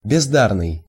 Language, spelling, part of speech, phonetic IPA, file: Russian, бездарный, adjective, [bʲɪzˈdarnɨj], Ru-бездарный.ogg
- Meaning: 1. talentless, inept 2. pointless, useless